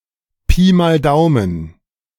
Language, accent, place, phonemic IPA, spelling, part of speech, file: German, Germany, Berlin, /piː maːl ˈdaʊ̯mən/, Pi mal Daumen, adverb, De-Pi mal Daumen.ogg
- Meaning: roughly (according to one's own estimation or a rule of thumb)